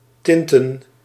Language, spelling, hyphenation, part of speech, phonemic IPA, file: Dutch, tinten, tin‧ten, verb / noun, /ˈtɪn.tə(n)/, Nl-tinten.ogg
- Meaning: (verb) to tint; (noun) plural of tint